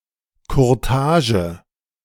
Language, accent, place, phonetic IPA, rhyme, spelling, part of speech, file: German, Germany, Berlin, [kʊʁˈtaːʒə], -aːʒə, Kurtage, noun, De-Kurtage.ogg
- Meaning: alternative spelling of Courtage